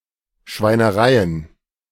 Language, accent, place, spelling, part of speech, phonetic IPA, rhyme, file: German, Germany, Berlin, Schweinereien, noun, [ʃvaɪ̯nəˈʁaɪ̯ən], -aɪ̯ən, De-Schweinereien.ogg
- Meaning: plural of Schweinerei